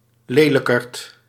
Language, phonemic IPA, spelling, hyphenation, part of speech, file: Dutch, /ˈleː.lə.kərt/, lelijkerd, le‧lij‧kerd, noun, Nl-lelijkerd.ogg
- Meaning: an ugly person or animal (often affectionate when used of a domesticated animal)